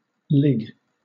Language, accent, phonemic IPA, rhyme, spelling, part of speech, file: English, Southern England, /lɪɡ/, -ɪɡ, lig, verb / noun, LL-Q1860 (eng)-lig.wav
- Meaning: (verb) 1. To lie; be in a prostrate or recumbent position 2. To lay 3. To be a ligger or hanger-on; to freeload; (noun) A lie; an untruth